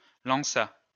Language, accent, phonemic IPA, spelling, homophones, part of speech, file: French, France, /lɑ̃.sa/, lança, lanças / lançât, verb, LL-Q150 (fra)-lança.wav
- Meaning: third-person singular past historic of lancer